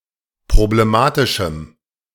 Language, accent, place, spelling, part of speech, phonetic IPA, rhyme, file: German, Germany, Berlin, problematischem, adjective, [pʁobleˈmaːtɪʃm̩], -aːtɪʃm̩, De-problematischem.ogg
- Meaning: strong dative masculine/neuter singular of problematisch